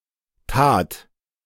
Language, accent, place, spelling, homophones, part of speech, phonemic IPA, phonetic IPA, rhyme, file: German, Germany, Berlin, Tat, tat, noun, /taːt/, [tʰäːtʰ], -aːt, De-Tat.ogg
- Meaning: 1. deed 2. act, action 3. crime, offense